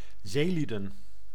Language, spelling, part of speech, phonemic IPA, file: Dutch, zeelieden, noun, /ˈzelidə(n)/, Nl-zeelieden.ogg
- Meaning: plural of zeeman